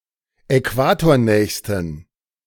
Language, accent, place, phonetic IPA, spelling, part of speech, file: German, Germany, Berlin, [ɛˈkvaːtoːɐ̯ˌnɛːçstn̩], äquatornächsten, adjective, De-äquatornächsten.ogg
- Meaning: superlative degree of äquatornah